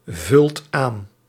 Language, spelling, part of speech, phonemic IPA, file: Dutch, vult aan, verb, /ˈvʏlt ˈan/, Nl-vult aan.ogg
- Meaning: inflection of aanvullen: 1. second/third-person singular present indicative 2. plural imperative